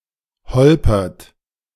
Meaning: inflection of holpern: 1. third-person singular present 2. second-person plural present 3. plural imperative
- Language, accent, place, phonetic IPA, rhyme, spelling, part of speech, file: German, Germany, Berlin, [ˈhɔlpɐt], -ɔlpɐt, holpert, verb, De-holpert.ogg